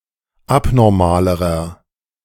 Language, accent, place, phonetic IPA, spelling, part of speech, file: German, Germany, Berlin, [ˈapnɔʁmaːləʁɐ], abnormalerer, adjective, De-abnormalerer.ogg
- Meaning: inflection of abnormal: 1. strong/mixed nominative masculine singular comparative degree 2. strong genitive/dative feminine singular comparative degree 3. strong genitive plural comparative degree